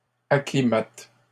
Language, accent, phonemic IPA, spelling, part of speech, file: French, Canada, /a.kli.mat/, acclimate, verb, LL-Q150 (fra)-acclimate.wav
- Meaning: inflection of acclimater: 1. first/third-person singular present indicative/subjunctive 2. second-person singular imperative